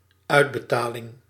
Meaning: payment
- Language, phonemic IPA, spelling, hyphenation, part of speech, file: Dutch, /œydbətalɪŋ/, uitbetaling, uit‧be‧ta‧ling, noun, Nl-uitbetaling.ogg